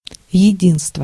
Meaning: unity, unanimity, oneness
- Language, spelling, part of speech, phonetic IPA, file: Russian, единство, noun, [(j)ɪˈdʲinstvə], Ru-единство.ogg